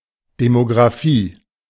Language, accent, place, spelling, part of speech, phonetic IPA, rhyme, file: German, Germany, Berlin, Demografie, noun, [ˌdemoɡʁaˈfiː], -iː, De-Demografie.ogg
- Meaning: demography (study of human populations)